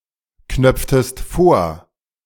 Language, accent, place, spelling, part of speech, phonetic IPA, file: German, Germany, Berlin, knöpftest vor, verb, [ˌknœp͡ftəst ˈfoːɐ̯], De-knöpftest vor.ogg
- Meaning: inflection of vorknöpfen: 1. second-person singular preterite 2. second-person singular subjunctive II